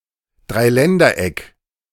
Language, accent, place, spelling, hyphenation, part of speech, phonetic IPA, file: German, Germany, Berlin, Dreiländereck, Drei‧län‧der‧eck, noun, [dʁaɪ̯ˈlɛndɐˌʔɛk], De-Dreiländereck.ogg
- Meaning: 1. tripoint, trijunction, triple point (geographical point at which the boundaries of three countries or subnational entities meet) 2. tri-border area, border triangle